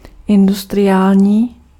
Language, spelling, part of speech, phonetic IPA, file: Czech, industriální, adjective, [ˈɪndustrɪjaːlɲiː], Cs-industriální.ogg
- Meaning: industrial